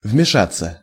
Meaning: to interfere, to intervene, to meddle
- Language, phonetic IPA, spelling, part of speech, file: Russian, [vmʲɪˈʂat͡sːə], вмешаться, verb, Ru-вмешаться.ogg